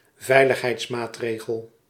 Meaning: security measure, safeguard
- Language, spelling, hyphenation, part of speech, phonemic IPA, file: Dutch, veiligheidsmaatregel, vei‧lig‧heids‧maat‧re‧gel, noun, /ˈvɛi̯.lɪɣ.ɦɛi̯tsˌmaːts.reː.ɣəl/, Nl-veiligheidsmaatregel.ogg